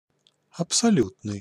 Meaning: absolute
- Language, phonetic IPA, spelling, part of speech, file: Russian, [ɐpsɐˈlʲutnɨj], абсолютный, adjective, Ru-абсолютный.ogg